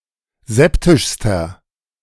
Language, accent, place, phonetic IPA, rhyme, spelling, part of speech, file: German, Germany, Berlin, [ˈzɛptɪʃstɐ], -ɛptɪʃstɐ, septischster, adjective, De-septischster.ogg
- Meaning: inflection of septisch: 1. strong/mixed nominative masculine singular superlative degree 2. strong genitive/dative feminine singular superlative degree 3. strong genitive plural superlative degree